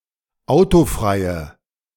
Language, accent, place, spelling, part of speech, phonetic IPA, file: German, Germany, Berlin, autofreie, adjective, [ˈaʊ̯toˌfʁaɪ̯ə], De-autofreie.ogg
- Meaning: inflection of autofrei: 1. strong/mixed nominative/accusative feminine singular 2. strong nominative/accusative plural 3. weak nominative all-gender singular